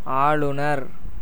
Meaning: governor
- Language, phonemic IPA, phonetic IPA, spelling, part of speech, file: Tamil, /ɑːɭʊnɐɾ/, [äːɭʊnɐɾ], ஆளுநர், noun, Ta-ஆளுநர்.ogg